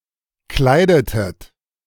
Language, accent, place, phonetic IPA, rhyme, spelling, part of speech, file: German, Germany, Berlin, [ˈklaɪ̯dətət], -aɪ̯dətət, kleidetet, verb, De-kleidetet.ogg
- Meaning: inflection of kleiden: 1. second-person plural preterite 2. second-person plural subjunctive II